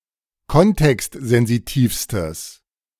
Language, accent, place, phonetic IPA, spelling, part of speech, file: German, Germany, Berlin, [ˈkɔntɛkstzɛnziˌtiːfstəs], kontextsensitivstes, adjective, De-kontextsensitivstes.ogg
- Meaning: strong/mixed nominative/accusative neuter singular superlative degree of kontextsensitiv